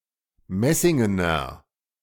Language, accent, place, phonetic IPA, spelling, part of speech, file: German, Germany, Berlin, [ˈmɛsɪŋənɐ], messingener, adjective, De-messingener.ogg
- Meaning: inflection of messingen: 1. strong/mixed nominative masculine singular 2. strong genitive/dative feminine singular 3. strong genitive plural